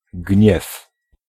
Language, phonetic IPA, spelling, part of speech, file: Polish, [ɟɲɛf], gniew, noun, Pl-gniew.ogg